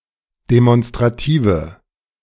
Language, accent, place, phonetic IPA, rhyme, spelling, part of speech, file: German, Germany, Berlin, [demɔnstʁaˈtiːvə], -iːvə, demonstrative, adjective, De-demonstrative.ogg
- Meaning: inflection of demonstrativ: 1. strong/mixed nominative/accusative feminine singular 2. strong nominative/accusative plural 3. weak nominative all-gender singular